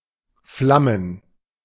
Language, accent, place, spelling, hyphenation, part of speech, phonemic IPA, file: German, Germany, Berlin, flammen, flam‧men, verb, /flamən/, De-flammen.ogg
- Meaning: to flame (burn with a flame, also figuratively)